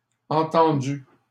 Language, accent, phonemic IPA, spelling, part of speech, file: French, Canada, /ɑ̃.tɑ̃.dy/, entendus, verb, LL-Q150 (fra)-entendus.wav
- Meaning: masculine plural of entendu